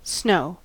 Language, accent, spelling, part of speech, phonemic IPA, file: English, General American, snow, noun / verb / adjective, /snoʊ̯/, En-us-snow.ogg